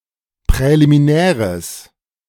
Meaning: strong/mixed nominative/accusative neuter singular of präliminär
- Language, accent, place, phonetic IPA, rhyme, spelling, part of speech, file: German, Germany, Berlin, [pʁɛlimiˈnɛːʁəs], -ɛːʁəs, präliminäres, adjective, De-präliminäres.ogg